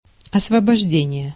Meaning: 1. liberation, emancipation, freeing 2. liberation, deliverance 3. freeing, vacating (the act of vacating something; moving out of something) 4. exemption
- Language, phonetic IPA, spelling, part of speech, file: Russian, [ɐsvəbɐʐˈdʲenʲɪje], освобождение, noun, Ru-освобождение.ogg